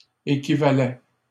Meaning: first/second-person singular imperfect indicative of équivaloir
- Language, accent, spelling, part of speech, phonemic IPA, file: French, Canada, équivalais, verb, /e.ki.va.lɛ/, LL-Q150 (fra)-équivalais.wav